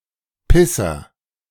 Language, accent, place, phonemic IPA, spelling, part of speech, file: German, Germany, Berlin, /ˈpɪsɐ/, Pisser, noun, De-Pisser.ogg
- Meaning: agent noun of pissen: 1. the penis 2. general insult to a (male) person, used like asshole